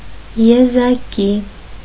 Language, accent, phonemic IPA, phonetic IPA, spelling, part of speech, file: Armenian, Eastern Armenian, /jezɑˈki/, [jezɑkí], եզակի, adjective / noun, Hy-եզակի.ogg
- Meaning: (adjective) 1. singular 2. singular, unique, one of a kind